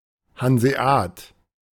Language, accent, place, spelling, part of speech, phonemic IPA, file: German, Germany, Berlin, Hanseat, noun, /hanzeˈaːt/, De-Hanseat.ogg
- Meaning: 1. a Hanseatic merchant 2. a native or inhabitant of a Hanseatic city 3. a crisp, flat, round cookie, covered half with white icing and half with reddish icing